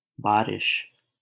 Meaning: rain
- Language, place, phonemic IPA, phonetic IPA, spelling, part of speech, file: Hindi, Delhi, /bɑː.ɾɪʃ/, [bäː.ɾɪʃ], बारिश, noun, LL-Q1568 (hin)-बारिश.wav